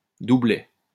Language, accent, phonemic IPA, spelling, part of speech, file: French, France, /du.blɛ/, doublet, noun, LL-Q150 (fra)-doublet.wav
- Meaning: 1. doublet 2. doublet (die with the same rolled value as another)